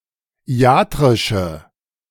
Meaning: inflection of iatrisch: 1. strong/mixed nominative/accusative feminine singular 2. strong nominative/accusative plural 3. weak nominative all-gender singular
- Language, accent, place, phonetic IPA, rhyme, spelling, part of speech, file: German, Germany, Berlin, [ˈi̯aːtʁɪʃə], -aːtʁɪʃə, iatrische, adjective, De-iatrische.ogg